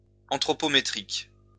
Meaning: anthropometric
- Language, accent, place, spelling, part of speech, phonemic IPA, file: French, France, Lyon, anthropométrique, adjective, /ɑ̃.tʁɔ.pɔ.me.tʁik/, LL-Q150 (fra)-anthropométrique.wav